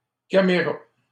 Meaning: third-person singular simple future of camer
- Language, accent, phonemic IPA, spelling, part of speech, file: French, Canada, /kam.ʁa/, camera, verb, LL-Q150 (fra)-camera.wav